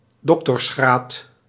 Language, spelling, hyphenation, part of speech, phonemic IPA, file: Dutch, doctorsgraad, doc‧tors‧graad, noun, /ˈdɔk.tɔrsˌxraːt/, Nl-doctorsgraad.ogg
- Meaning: doctorate